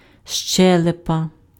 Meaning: jaw
- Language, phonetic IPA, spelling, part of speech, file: Ukrainian, [ˈʃt͡ʃɛɫepɐ], щелепа, noun, Uk-щелепа.ogg